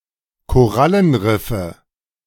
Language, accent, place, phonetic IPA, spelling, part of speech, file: German, Germany, Berlin, [koˈʁalənˌʁɪfə], Korallenriffe, noun, De-Korallenriffe.ogg
- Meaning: nominative/accusative/genitive plural of Korallenriff